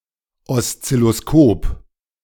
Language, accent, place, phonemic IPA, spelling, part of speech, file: German, Germany, Berlin, /ˌɔstsɪloˈskoːp/, Oszilloskop, noun, De-Oszilloskop.ogg
- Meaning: oscilloscope (electronic measuring instrument)